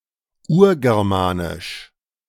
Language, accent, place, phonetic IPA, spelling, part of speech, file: German, Germany, Berlin, [ˈuːɐ̯ɡɛʁˌmaːnɪʃ], Urgermanisch, noun, De-Urgermanisch.ogg
- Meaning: Proto-Germanic (the Proto-Germanic language)